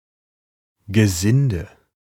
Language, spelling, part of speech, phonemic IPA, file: German, Gesinde, noun, /ɡəˈzɪndə/, De-Gesinde.ogg
- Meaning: hands, farmhands, (domestic) servants, domestics, the menial staff